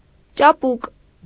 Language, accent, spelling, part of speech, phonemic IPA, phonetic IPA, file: Armenian, Eastern Armenian, ճապուկ, adjective, /t͡ʃɑˈpuk/, [t͡ʃɑpúk], Hy-ճապուկ.ogg
- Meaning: 1. nimble, agile, deft 2. flexible, pliable, supple